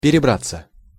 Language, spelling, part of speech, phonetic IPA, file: Russian, перебраться, verb, [pʲɪrʲɪˈbrat͡sːə], Ru-перебраться.ogg
- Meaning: 1. to get over (an obstacle or to a place), to cross 2. to move (to some place) 3. passive of перебра́ть (perebrátʹ)